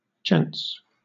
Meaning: 1. plural of gent 2. A men's room: a lavatory intended for use by men
- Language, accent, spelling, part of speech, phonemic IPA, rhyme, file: English, Southern England, gents, noun, /ˈdʒɛnts/, -ɛnts, LL-Q1860 (eng)-gents.wav